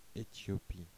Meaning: Ethiopia (a country in East Africa)
- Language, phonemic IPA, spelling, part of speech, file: French, /e.tjɔ.pi/, Éthiopie, proper noun, Fr-Éthiopie.oga